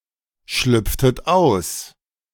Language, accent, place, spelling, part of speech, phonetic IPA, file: German, Germany, Berlin, schlüpftet aus, verb, [ˌʃlʏp͡ftət ˈaʊ̯s], De-schlüpftet aus.ogg
- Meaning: inflection of ausschlüpfen: 1. second-person plural preterite 2. second-person plural subjunctive II